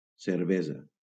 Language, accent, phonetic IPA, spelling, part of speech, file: Catalan, Valencia, [seɾˈve.za], cervesa, noun, LL-Q7026 (cat)-cervesa.wav
- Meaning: beer